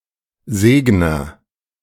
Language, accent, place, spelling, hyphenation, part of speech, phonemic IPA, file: German, Germany, Berlin, Segner, Seg‧ner, noun, /ˈzeːɡnɐ/, De-Segner.ogg
- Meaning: agent noun of segnen; blesser